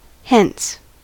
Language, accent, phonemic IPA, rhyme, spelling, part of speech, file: English, US, /ˈhɛns/, -ɛns, hence, adverb / interjection / verb, En-us-hence.ogg
- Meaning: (adverb) 1. From here, from this place, away 2. From the living or from this world 3. In the future from now 4. As a result; therefore, for this reason; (interjection) Go away! Begone!